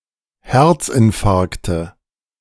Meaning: nominative/accusative/genitive plural of Herzinfarkt
- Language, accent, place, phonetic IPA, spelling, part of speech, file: German, Germany, Berlin, [ˈhɛʁt͡sʔɪnˌfaʁktə], Herzinfarkte, noun, De-Herzinfarkte.ogg